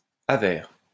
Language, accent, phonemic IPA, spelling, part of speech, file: French, France, /a.vɛʁ/, avers, noun, LL-Q150 (fra)-avers.wav
- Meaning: obverse